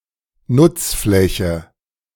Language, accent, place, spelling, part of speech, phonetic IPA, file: German, Germany, Berlin, Nutzfläche, noun, [ˈnʊt͡sˌflɛçə], De-Nutzfläche.ogg
- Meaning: 1. usable area 2. floor space